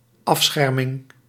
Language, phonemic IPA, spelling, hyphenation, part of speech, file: Dutch, /ˈɑfˌsxɛr.mɪŋ/, afscherming, af‧scher‧ming, noun, Nl-afscherming.ogg
- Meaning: protective separation, cover or screen